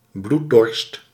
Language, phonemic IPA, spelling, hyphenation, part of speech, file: Dutch, /ˈblut.dɔrst/, bloeddorst, bloed‧dorst, noun, Nl-bloeddorst.ogg
- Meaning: bloodlust, bloodthirst, bloodthirstiness